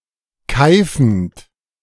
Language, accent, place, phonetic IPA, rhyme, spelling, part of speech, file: German, Germany, Berlin, [ˈkaɪ̯fn̩t], -aɪ̯fn̩t, keifend, verb, De-keifend.ogg
- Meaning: present participle of keifen